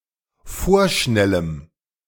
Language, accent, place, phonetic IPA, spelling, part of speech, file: German, Germany, Berlin, [ˈfoːɐ̯ˌʃnɛləm], vorschnellem, adjective, De-vorschnellem.ogg
- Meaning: strong dative masculine/neuter singular of vorschnell